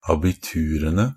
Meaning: definite plural of abitur
- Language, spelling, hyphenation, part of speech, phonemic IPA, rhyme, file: Norwegian Bokmål, abiturene, a‧bi‧tu‧re‧ne, noun, /abɪˈtʉːrənə/, -ənə, NB - Pronunciation of Norwegian Bokmål «abiturene».ogg